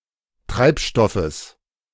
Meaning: genitive singular of Treibstoff
- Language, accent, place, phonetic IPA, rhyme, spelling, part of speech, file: German, Germany, Berlin, [ˈtʁaɪ̯pˌʃtɔfəs], -aɪ̯pʃtɔfəs, Treibstoffes, noun, De-Treibstoffes.ogg